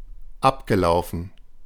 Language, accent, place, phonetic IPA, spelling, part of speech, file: German, Germany, Berlin, [ˈapɡəˌlaʊ̯fn̩], abgelaufen, adjective / verb, De-abgelaufen.ogg
- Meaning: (verb) past participle of ablaufen; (adjective) expired, lapsed, out of date